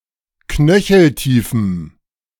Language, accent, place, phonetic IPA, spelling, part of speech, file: German, Germany, Berlin, [ˈknœçl̩ˌtiːfm̩], knöcheltiefem, adjective, De-knöcheltiefem.ogg
- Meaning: strong dative masculine/neuter singular of knöcheltief